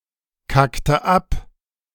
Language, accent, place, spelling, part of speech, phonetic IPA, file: German, Germany, Berlin, kackte ab, verb, [ˌkaktə ˈap], De-kackte ab.ogg
- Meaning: inflection of abkacken: 1. first/third-person singular preterite 2. first/third-person singular subjunctive II